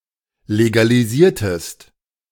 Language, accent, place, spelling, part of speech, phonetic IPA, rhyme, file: German, Germany, Berlin, legalisiertest, verb, [leɡaliˈziːɐ̯təst], -iːɐ̯təst, De-legalisiertest.ogg
- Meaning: inflection of legalisieren: 1. second-person singular preterite 2. second-person singular subjunctive II